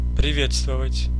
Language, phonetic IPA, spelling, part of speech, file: Russian, [prʲɪˈvʲet͡stvəvətʲ], приветствовать, verb, Ru-приветствовать.ogg
- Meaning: 1. to greet, to hail, to welcome 2. to salute